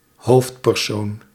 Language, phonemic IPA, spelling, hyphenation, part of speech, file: Dutch, /ˈɦoːft.pɛrˌsoːn/, hoofdpersoon, hoofd‧per‧soon, noun, Nl-hoofdpersoon.ogg
- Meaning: protagonist